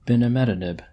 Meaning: A drug with the molecular formula C₁₇H₁₅BrF₂N₄O₃ that inhibits mitogen-activated protein kinase kinase (MEK), and is approved for use in combination with encorafenib to treat certain melanomas
- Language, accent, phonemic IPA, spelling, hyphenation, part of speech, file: English, General American, /bɪnɪˈmɛtɪnɪb/, binimetinib, bi‧ni‧me‧ti‧nib, noun, En-us-binimetinib.oga